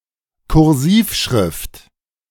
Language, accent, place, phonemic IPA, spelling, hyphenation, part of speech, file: German, Germany, Berlin, /kʊɐ̯ˈziːfˌʃʁɪft/, Kursivschrift, Kur‧siv‧schrift, noun, De-Kursivschrift.ogg
- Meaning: italic